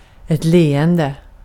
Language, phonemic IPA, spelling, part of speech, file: Swedish, /ˈleːˌɛndɛ/, leende, verb / adjective / noun, Sv-leende.ogg
- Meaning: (verb) present participle of le; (adjective) smiling; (noun) a smile